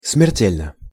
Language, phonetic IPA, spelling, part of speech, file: Russian, [smʲɪrˈtʲelʲnə], смертельно, adverb / adjective, Ru-смертельно.ogg
- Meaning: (adverb) 1. mortally, fatally 2. grievously (insulted) 3. utterly (bored, exhausted, etc.); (adjective) short neuter singular of смерте́льный (smertélʹnyj)